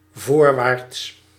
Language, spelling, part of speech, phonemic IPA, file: Dutch, voorwaarts, adjective / adverb, /ˈvoːrˌʋaːrts/, Nl-voorwaarts.ogg
- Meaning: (adjective) forward; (adverb) forwards